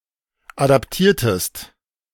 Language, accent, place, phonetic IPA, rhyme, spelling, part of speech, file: German, Germany, Berlin, [ˌadapˈtiːɐ̯təst], -iːɐ̯təst, adaptiertest, verb, De-adaptiertest.ogg
- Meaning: inflection of adaptieren: 1. second-person singular preterite 2. second-person singular subjunctive II